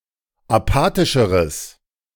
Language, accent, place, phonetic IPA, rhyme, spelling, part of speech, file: German, Germany, Berlin, [aˈpaːtɪʃəʁəs], -aːtɪʃəʁəs, apathischeres, adjective, De-apathischeres.ogg
- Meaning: strong/mixed nominative/accusative neuter singular comparative degree of apathisch